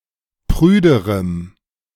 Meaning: strong dative masculine/neuter singular comparative degree of prüde
- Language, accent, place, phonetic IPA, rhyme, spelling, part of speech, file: German, Germany, Berlin, [ˈpʁyːdəʁəm], -yːdəʁəm, prüderem, adjective, De-prüderem.ogg